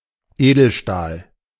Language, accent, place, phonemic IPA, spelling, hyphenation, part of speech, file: German, Germany, Berlin, /ˈeːdəlˌʃtaːl/, Edelstahl, Edel‧stahl, noun, De-Edelstahl.ogg
- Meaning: stainless steel (corrosion-free alloy)